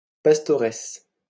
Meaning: female equivalent of pasteur
- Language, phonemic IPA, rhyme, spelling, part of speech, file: French, /pas.tɔ.ʁɛs/, -ɛs, pastoresse, noun, LL-Q150 (fra)-pastoresse.wav